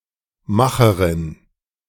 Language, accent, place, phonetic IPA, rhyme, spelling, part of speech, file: German, Germany, Berlin, [ˈmaxəʁɪn], -axəʁɪn, Macherin, noun, De-Macherin.ogg
- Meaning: 1. maker (female) (person who makes or produces something, especially used in compounds) 2. big hitter (female)